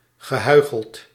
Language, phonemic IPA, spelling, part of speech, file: Dutch, /ɣəˈhœyxəlt/, gehuicheld, verb / adjective, Nl-gehuicheld.ogg
- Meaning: past participle of huichelen